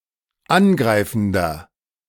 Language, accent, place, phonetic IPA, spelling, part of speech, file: German, Germany, Berlin, [ˈanˌɡʁaɪ̯fn̩dɐ], angreifender, adjective, De-angreifender.ogg
- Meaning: inflection of angreifend: 1. strong/mixed nominative masculine singular 2. strong genitive/dative feminine singular 3. strong genitive plural